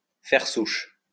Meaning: to hive off, to spread, to produce offspring, to start a line of descendants, to found a family, to establish a colony (somewhere)
- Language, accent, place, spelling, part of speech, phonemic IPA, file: French, France, Lyon, faire souche, verb, /fɛʁ suʃ/, LL-Q150 (fra)-faire souche.wav